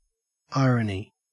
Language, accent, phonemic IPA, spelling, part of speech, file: English, Australia, /ˈɑɪ.ɹən.i/, irony, noun, En-au-irony.ogg